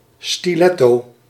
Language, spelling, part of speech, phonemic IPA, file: Dutch, stiletto, noun, /stiˈlɛto/, Nl-stiletto.ogg
- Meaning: stiletto